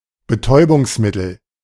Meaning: 1. anaesthetic; narcotic 2. controlled substance; drug (of any kind, including e.g. cocaine, heroin, etc.)
- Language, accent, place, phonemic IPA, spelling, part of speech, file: German, Germany, Berlin, /bəˈtɔɪ̯bʊŋsˌmɪtl̩/, Betäubungsmittel, noun, De-Betäubungsmittel.ogg